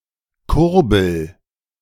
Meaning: inflection of kurbeln: 1. first-person singular present 2. singular imperative
- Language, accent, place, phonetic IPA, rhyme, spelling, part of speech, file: German, Germany, Berlin, [ˈkʊʁbl̩], -ʊʁbl̩, kurbel, verb, De-kurbel.ogg